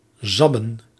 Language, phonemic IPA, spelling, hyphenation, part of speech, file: Dutch, /ˈzɑbə(n)/, zabben, zab‧ben, verb, Nl-zabben.ogg
- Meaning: 1. to suck 2. to French kiss